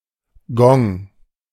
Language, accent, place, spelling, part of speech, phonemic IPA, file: German, Germany, Berlin, Gong, noun, /ɡɔŋ/, De-Gong.ogg
- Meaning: gong